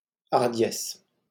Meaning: 1. audacity, boldness, daring 2. temerity
- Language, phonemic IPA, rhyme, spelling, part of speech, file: French, /aʁ.djɛs/, -ɛs, hardiesse, noun, LL-Q150 (fra)-hardiesse.wav